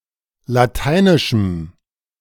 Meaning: strong dative masculine/neuter singular of lateinisch
- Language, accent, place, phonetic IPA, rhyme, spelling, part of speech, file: German, Germany, Berlin, [laˈtaɪ̯nɪʃm̩], -aɪ̯nɪʃm̩, lateinischem, adjective, De-lateinischem.ogg